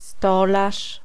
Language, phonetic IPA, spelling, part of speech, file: Polish, [ˈstɔlaʃ], stolarz, noun / verb, Pl-stolarz.ogg